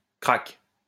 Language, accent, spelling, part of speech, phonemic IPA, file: French, France, crack, noun, /kʁak/, LL-Q150 (fra)-crack.wav
- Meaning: 1. champion, ace, expert 2. crack (program or procedure designed to circumvent restrictions) 3. crack cocaine